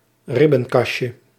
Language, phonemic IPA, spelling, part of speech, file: Dutch, /ˈrɪbə(n)ˌkɑʃə/, ribbenkastje, noun, Nl-ribbenkastje.ogg
- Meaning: diminutive of ribbenkast